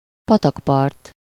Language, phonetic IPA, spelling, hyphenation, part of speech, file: Hungarian, [ˈpɒtɒkpɒrt], patakpart, pa‧tak‧part, noun, Hu-patakpart.ogg
- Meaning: brookside